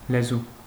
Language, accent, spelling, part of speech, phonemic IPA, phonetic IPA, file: Armenian, Eastern Armenian, լեզու, noun, /leˈzu/, [lezú], Hy-լեզու.ogg
- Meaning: 1. tongue (of humans and animals) 2. tongue (of an animal used as food) 3. language 4. tongue (style or quality of speech) 5. speech, talk 6. quality of having a sharp tongue